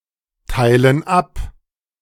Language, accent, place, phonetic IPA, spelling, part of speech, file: German, Germany, Berlin, [ˌtaɪ̯lən ˈap], teilen ab, verb, De-teilen ab.ogg
- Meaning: inflection of abteilen: 1. first/third-person plural present 2. first/third-person plural subjunctive I